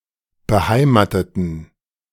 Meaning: inflection of beheimaten: 1. first/third-person plural preterite 2. first/third-person plural subjunctive II
- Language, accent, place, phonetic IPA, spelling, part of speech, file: German, Germany, Berlin, [bəˈhaɪ̯maːtətn̩], beheimateten, adjective / verb, De-beheimateten.ogg